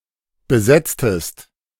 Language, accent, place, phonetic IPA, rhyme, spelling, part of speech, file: German, Germany, Berlin, [bəˈzɛt͡stəst], -ɛt͡stəst, besetztest, verb, De-besetztest.ogg
- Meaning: inflection of besetzen: 1. second-person singular preterite 2. second-person singular subjunctive II